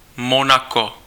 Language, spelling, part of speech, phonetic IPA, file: Czech, Monako, proper noun, [ˈmonako], Cs-Monako.ogg
- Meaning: Monaco (a city-state in Western Europe)